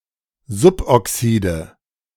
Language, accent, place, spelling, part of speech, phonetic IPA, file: German, Germany, Berlin, Suboxide, noun, [ˈzʊpʔɔˌksiːdə], De-Suboxide.ogg
- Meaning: nominative/accusative/genitive plural of Suboxid